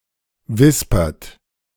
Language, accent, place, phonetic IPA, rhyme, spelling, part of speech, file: German, Germany, Berlin, [ˈvɪspɐt], -ɪspɐt, wispert, verb, De-wispert.ogg
- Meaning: inflection of wispern: 1. third-person singular present 2. second-person plural present 3. plural imperative